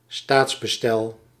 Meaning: constitutional structure, regime, polity
- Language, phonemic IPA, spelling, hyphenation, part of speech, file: Dutch, /ˈstaːts.bəˌstɛl/, staatsbestel, staats‧be‧stel, noun, Nl-staatsbestel.ogg